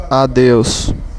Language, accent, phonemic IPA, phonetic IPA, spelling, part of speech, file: Portuguese, Brazil, /aˈdews/, [aˈdeʊ̯s], adeus, interjection, Pt-br-adeus.ogg
- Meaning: goodbye (farewell)